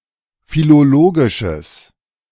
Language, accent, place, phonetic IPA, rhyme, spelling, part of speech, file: German, Germany, Berlin, [filoˈloːɡɪʃəs], -oːɡɪʃəs, philologisches, adjective, De-philologisches.ogg
- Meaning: strong/mixed nominative/accusative neuter singular of philologisch